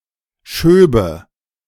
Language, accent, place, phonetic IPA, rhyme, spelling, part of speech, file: German, Germany, Berlin, [ˈʃøːbə], -øːbə, schöbe, verb, De-schöbe.ogg
- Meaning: first/third-person singular subjunctive II of schieben